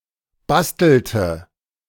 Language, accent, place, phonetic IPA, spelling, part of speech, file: German, Germany, Berlin, [ˈbastl̩tə], bastelte, verb, De-bastelte.ogg
- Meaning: inflection of basteln: 1. first/third-person singular preterite 2. first/third-person singular subjunctive II